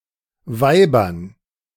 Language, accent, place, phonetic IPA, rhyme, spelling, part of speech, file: German, Germany, Berlin, [ˈvaɪ̯bɐn], -aɪ̯bɐn, Weibern, noun, De-Weibern.ogg
- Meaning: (proper noun) 1. a municipality of Upper Austria, Austria 2. a municipality of Rhineland-Palatinate, Germany; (noun) dative plural of Weib